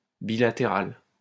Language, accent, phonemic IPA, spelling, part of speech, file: French, France, /bi.la.te.ʁal/, bilatéral, adjective, LL-Q150 (fra)-bilatéral.wav
- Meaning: bilateral